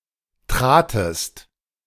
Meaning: second-person singular preterite of treten
- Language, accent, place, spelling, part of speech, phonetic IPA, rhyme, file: German, Germany, Berlin, tratest, verb, [ˈtʁaːtəst], -aːtəst, De-tratest.ogg